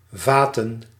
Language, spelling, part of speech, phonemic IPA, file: Dutch, vaten, verb / noun, /ˈvatə(n)/, Nl-vaten.ogg
- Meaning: plural of vat